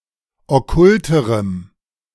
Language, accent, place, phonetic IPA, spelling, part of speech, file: German, Germany, Berlin, [ɔˈkʊltəʁəm], okkulterem, adjective, De-okkulterem.ogg
- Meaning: strong dative masculine/neuter singular comparative degree of okkult